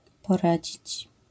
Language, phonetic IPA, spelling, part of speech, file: Polish, [pɔˈrad͡ʑit͡ɕ], poradzić, verb, LL-Q809 (pol)-poradzić.wav